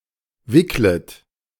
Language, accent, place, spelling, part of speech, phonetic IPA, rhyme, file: German, Germany, Berlin, wicklet, verb, [ˈvɪklət], -ɪklət, De-wicklet.ogg
- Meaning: second-person plural subjunctive I of wickeln